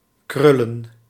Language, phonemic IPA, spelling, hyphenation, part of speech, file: Dutch, /ˈkrʏ.lə(n)/, krullen, krul‧len, verb / noun, Nl-krullen.ogg
- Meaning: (verb) to curl; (noun) plural of krul